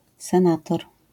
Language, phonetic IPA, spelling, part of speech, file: Polish, [sɛ̃ˈnatɔr], senator, noun, LL-Q809 (pol)-senator.wav